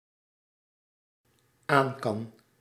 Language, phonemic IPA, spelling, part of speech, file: Dutch, /ˈaɲkɑn/, aankan, verb, Nl-aankan.ogg
- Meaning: first/third-person singular dependent-clause present indicative of aankunnen